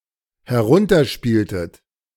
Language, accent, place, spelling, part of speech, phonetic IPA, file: German, Germany, Berlin, herunterspieltet, verb, [hɛˈʁʊntɐˌʃpiːltət], De-herunterspieltet.ogg
- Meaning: inflection of herunterspielen: 1. second-person plural dependent preterite 2. second-person plural dependent subjunctive II